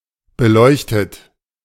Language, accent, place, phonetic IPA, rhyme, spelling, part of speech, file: German, Germany, Berlin, [bəˈlɔɪ̯çtət], -ɔɪ̯çtət, beleuchtet, adjective / verb, De-beleuchtet.ogg
- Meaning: 1. past participle of beleuchten 2. inflection of beleuchten: third-person singular present 3. inflection of beleuchten: second-person plural present 4. inflection of beleuchten: plural imperative